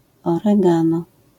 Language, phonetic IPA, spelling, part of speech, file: Polish, [ˌɔrɛˈɡãnɔ], oregano, noun, LL-Q809 (pol)-oregano.wav